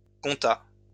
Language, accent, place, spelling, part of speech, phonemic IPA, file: French, France, Lyon, compta, verb / noun, /kɔ̃.ta/, LL-Q150 (fra)-compta.wav
- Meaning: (verb) third-person singular past historic of compter; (noun) accounting